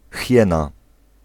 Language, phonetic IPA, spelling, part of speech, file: Polish, [ˈxʲjɛ̃na], hiena, noun, Pl-hiena.ogg